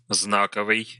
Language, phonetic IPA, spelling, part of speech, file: Russian, [ˈznakəvɨj], знаковый, adjective, Ru-знаковый.ogg
- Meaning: 1. sign 2. character 3. token, emblematic, symbolic, indicative